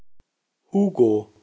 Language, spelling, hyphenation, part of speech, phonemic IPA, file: German, Hugo, Hu‧go, proper noun / noun, /ˈhuːɡo/, De-Hugo.ogg
- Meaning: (proper noun) a male given name, equivalent to English Hugh or Hugo; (noun) cocktail prepared with Prosecco, elderflower or lemon balm syrup, mint, and soda